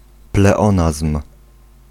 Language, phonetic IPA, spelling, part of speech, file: Polish, [plɛˈɔ̃nasm̥], pleonazm, noun, Pl-pleonazm.ogg